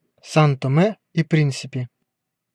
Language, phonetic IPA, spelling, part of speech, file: Russian, [ˌsan tɐˈmɛ i ˈprʲin⁽ʲ⁾sʲɪpʲɪ], Сан-Томе и Принсипи, proper noun, Ru-Сан-Томе и Принсипи.ogg
- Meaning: São Tomé and Príncipe (a country and archipelago of Central Africa in the Atlantic Ocean)